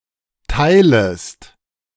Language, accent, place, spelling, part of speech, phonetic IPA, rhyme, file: German, Germany, Berlin, teilest, verb, [ˈtaɪ̯ləst], -aɪ̯ləst, De-teilest.ogg
- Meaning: second-person singular subjunctive I of teilen